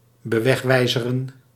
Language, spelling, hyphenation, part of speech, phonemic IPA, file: Dutch, bewegwijzeren, be‧weg‧wij‧ze‧ren, verb, /bəˈʋɛxˌʋɛi̯.zə.rə(n)/, Nl-bewegwijzeren.ogg
- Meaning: to signpost, to furnish with signage